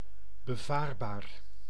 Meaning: navigable
- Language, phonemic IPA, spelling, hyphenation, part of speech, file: Dutch, /bəˈvaːrˌbaːr/, bevaarbaar, be‧vaar‧baar, adjective, Nl-bevaarbaar.ogg